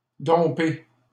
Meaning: to dump (end a relationship)
- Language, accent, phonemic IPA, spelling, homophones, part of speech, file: French, Canada, /dɔ̃.pe/, domper, dompai / dompé / dompée / dompées / dompés / dompez, verb, LL-Q150 (fra)-domper.wav